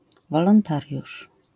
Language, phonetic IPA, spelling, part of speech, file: Polish, [ˌvɔlɔ̃nˈtarʲjuʃ], wolontariusz, noun, LL-Q809 (pol)-wolontariusz.wav